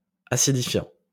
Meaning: present participle of acidifier
- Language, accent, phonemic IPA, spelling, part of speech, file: French, France, /a.si.di.fjɑ̃/, acidifiant, verb, LL-Q150 (fra)-acidifiant.wav